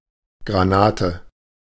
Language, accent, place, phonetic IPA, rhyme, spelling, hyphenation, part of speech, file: German, Germany, Berlin, [ˌɡʁaˈnaːtə], -aːtə, Granate, Gra‧na‧te, noun, De-Granate.ogg
- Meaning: a grenade (weapon)